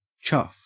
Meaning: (adjective) 1. Surly; annoyed; displeased; disgruntled 2. stupid; churlish; loutish; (adverb) In a chuff manner; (noun) A coarse or stupid fellow
- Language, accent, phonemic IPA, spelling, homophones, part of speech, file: English, Australia, /t͡ʃɐf/, chuff, chough, adjective / adverb / noun / verb, En-au-chuff.ogg